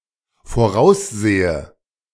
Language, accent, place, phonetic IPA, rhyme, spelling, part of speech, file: German, Germany, Berlin, [foˈʁaʊ̯sˌzeːə], -aʊ̯szeːə, voraussehe, verb, De-voraussehe.ogg
- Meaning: inflection of voraussehen: 1. first-person singular dependent present 2. first/third-person singular dependent subjunctive I